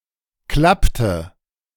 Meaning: inflection of klappen: 1. first/third-person singular preterite 2. first/third-person singular subjunctive II
- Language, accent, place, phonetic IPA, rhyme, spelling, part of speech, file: German, Germany, Berlin, [ˈklaptə], -aptə, klappte, verb, De-klappte.ogg